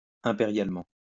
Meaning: imperially
- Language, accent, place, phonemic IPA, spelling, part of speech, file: French, France, Lyon, /ɛ̃.pe.ʁjal.mɑ̃/, impérialement, adverb, LL-Q150 (fra)-impérialement.wav